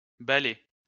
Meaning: plural of balai
- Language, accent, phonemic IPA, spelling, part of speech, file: French, France, /ba.lɛ/, balais, noun, LL-Q150 (fra)-balais.wav